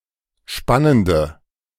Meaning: inflection of spannend: 1. strong/mixed nominative/accusative feminine singular 2. strong nominative/accusative plural 3. weak nominative all-gender singular
- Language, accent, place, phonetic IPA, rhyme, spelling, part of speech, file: German, Germany, Berlin, [ˈʃpanəndə], -anəndə, spannende, adjective, De-spannende.ogg